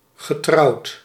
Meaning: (adjective) married; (verb) past participle of trouwen
- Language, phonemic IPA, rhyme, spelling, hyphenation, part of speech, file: Dutch, /ɣəˈtrɑu̯t/, -ɑu̯t, getrouwd, ge‧trouwd, adjective / verb, Nl-getrouwd.ogg